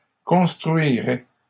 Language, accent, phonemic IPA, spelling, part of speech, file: French, Canada, /kɔ̃s.tʁɥi.ʁɛ/, construiraient, verb, LL-Q150 (fra)-construiraient.wav
- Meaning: third-person plural conditional of construire